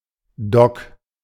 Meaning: dock (a construction in which ships are repaired)
- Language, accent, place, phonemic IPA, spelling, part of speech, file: German, Germany, Berlin, /dɔk/, Dock, noun, De-Dock.ogg